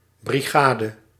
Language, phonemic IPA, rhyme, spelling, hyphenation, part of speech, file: Dutch, /ˌbriˈɣaː.də/, -aːdə, brigade, bri‧ga‧de, noun, Nl-brigade.ogg
- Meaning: brigade, a military unit consisting of two or more regiments, often using combined arms or of diverse disciplines